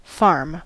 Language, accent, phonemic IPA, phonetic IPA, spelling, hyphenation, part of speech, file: English, US, /ˈfɑɹm/, [ˈfɑɹm], farm, farm, noun / verb, En-us-farm.ogg
- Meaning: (noun) 1. A place where agricultural and similar activities take place, especially the growing of crops or the raising of livestock 2. A tract of land held on lease for the purpose of cultivation